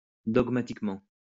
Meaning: dogmatically
- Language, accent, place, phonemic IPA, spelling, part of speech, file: French, France, Lyon, /dɔɡ.ma.tik.mɑ̃/, dogmatiquement, adverb, LL-Q150 (fra)-dogmatiquement.wav